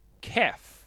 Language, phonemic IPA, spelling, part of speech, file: Swedish, /kɛf/, keff, adjective, Sv-keff.ogg
- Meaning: bad